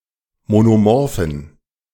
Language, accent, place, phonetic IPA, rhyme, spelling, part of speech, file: German, Germany, Berlin, [monoˈmɔʁfn̩], -ɔʁfn̩, monomorphen, adjective, De-monomorphen.ogg
- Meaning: inflection of monomorph: 1. strong genitive masculine/neuter singular 2. weak/mixed genitive/dative all-gender singular 3. strong/weak/mixed accusative masculine singular 4. strong dative plural